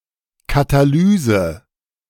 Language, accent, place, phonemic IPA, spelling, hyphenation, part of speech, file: German, Germany, Berlin, /kataˈlyːzə/, Katalyse, Ka‧ta‧ly‧se, noun, De-Katalyse.ogg
- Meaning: catalysis (chemistry: the increase of the rate of a chemical reaction induced by a catalyst)